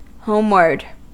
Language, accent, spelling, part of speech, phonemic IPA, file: English, US, homeward, adverb / adjective, /ˈhoʊmwɚd/, En-us-homeward.ogg
- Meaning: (adverb) Towards home; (adjective) oriented towards home